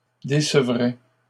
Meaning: third-person plural conditional of décevoir
- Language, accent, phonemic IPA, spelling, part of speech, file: French, Canada, /de.sə.vʁɛ/, décevraient, verb, LL-Q150 (fra)-décevraient.wav